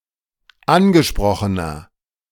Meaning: inflection of angesprochen: 1. strong/mixed nominative masculine singular 2. strong genitive/dative feminine singular 3. strong genitive plural
- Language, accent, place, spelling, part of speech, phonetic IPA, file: German, Germany, Berlin, angesprochener, adjective, [ˈanɡəˌʃpʁɔxənɐ], De-angesprochener.ogg